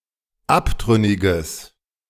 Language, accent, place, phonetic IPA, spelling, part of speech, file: German, Germany, Berlin, [ˈaptʁʏnɪɡəs], abtrünniges, adjective, De-abtrünniges.ogg
- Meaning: strong/mixed nominative/accusative neuter singular of abtrünnig